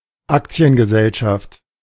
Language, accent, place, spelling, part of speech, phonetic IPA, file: German, Germany, Berlin, Aktiengesellschaft, noun, [ˈakt͡si̯ənɡəˌzɛlʃaft], De-Aktiengesellschaft.ogg
- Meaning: public limited company, corporation